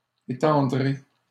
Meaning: second-person plural simple future of étendre
- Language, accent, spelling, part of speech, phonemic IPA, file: French, Canada, étendrez, verb, /e.tɑ̃.dʁe/, LL-Q150 (fra)-étendrez.wav